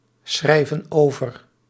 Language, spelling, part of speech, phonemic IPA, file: Dutch, schrijven over, verb, /ˈsxrɛivə(n) ˈovər/, Nl-schrijven over.ogg
- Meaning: inflection of overschrijven: 1. plural present indicative 2. plural present subjunctive